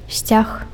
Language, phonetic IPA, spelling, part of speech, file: Belarusian, [sʲt͡sʲax], сцяг, noun, Be-сцяг.ogg
- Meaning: flag, banner